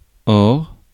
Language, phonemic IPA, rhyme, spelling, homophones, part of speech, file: French, /ɔʁ/, -ɔʁ, or, hors / ore / ores / ors, noun / adverb / conjunction, Fr-or.ogg
- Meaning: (noun) 1. gold 2. or (yellow in heraldry); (adverb) now, presently; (conjunction) yet, however, now, that said, as it happens (introduces the second term in a syllogism)